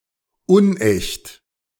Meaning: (adjective) apocryphal, fake, false, not genuine; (adverb) apocryphally
- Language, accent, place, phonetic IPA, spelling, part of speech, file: German, Germany, Berlin, [ˈʊnˌʔɛçt], unecht, adjective, De-unecht.ogg